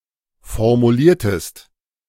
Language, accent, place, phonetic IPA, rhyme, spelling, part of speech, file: German, Germany, Berlin, [fɔʁmuˈliːɐ̯təst], -iːɐ̯təst, formuliertest, verb, De-formuliertest.ogg
- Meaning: inflection of formulieren: 1. second-person singular preterite 2. second-person singular subjunctive II